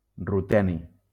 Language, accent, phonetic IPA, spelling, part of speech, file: Catalan, Valencia, [ruˈtɛ.ni], ruteni, noun, LL-Q7026 (cat)-ruteni.wav
- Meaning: ruthenium